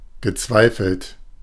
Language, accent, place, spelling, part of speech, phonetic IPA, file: German, Germany, Berlin, gezweifelt, verb, [ɡəˈt͡svaɪ̯fl̩t], De-gezweifelt.ogg
- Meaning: past participle of zweifeln